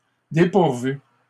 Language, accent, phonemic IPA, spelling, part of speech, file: French, Canada, /de.puʁ.vy/, dépourvus, adjective, LL-Q150 (fra)-dépourvus.wav
- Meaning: masculine plural of dépourvu